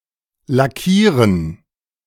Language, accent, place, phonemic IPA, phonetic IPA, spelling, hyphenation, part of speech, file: German, Germany, Berlin, /laˈkiːʁən/, [laˈkʰiːɐ̯n], lackieren, la‧ckie‧ren, verb, De-lackieren2.ogg
- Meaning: to lacquer, to varnish, to paint (with a uniform coating, either protective or for coloring)